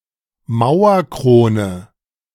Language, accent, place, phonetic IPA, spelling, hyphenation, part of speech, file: German, Germany, Berlin, [ˈmaʊ̯ɐˌkʁoːnə], Mauerkrone, Mau‧er‧kro‧ne, noun, De-Mauerkrone.ogg
- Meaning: 1. coping 2. mural crown